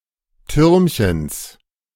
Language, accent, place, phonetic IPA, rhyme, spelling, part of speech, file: German, Germany, Berlin, [ˈtʏʁmçəns], -ʏʁmçəns, Türmchens, noun, De-Türmchens.ogg
- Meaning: genitive of Türmchen